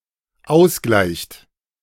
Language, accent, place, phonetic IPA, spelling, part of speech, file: German, Germany, Berlin, [ˈaʊ̯sˌɡlaɪ̯çt], ausgleicht, verb, De-ausgleicht.ogg
- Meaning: inflection of ausgleichen: 1. third-person singular dependent present 2. second-person plural dependent present